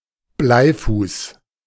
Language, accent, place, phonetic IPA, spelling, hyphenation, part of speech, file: German, Germany, Berlin, [ˈblaɪ̯ˌfuːs], Bleifuß, Blei‧fuß, noun, De-Bleifuß.ogg
- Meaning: leadfoot